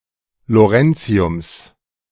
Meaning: genitive singular of Lawrencium
- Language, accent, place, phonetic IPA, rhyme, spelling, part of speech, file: German, Germany, Berlin, [loˈʁɛnt͡si̯ʊms], -ɛnt͡si̯ʊms, Lawrenciums, noun, De-Lawrenciums.ogg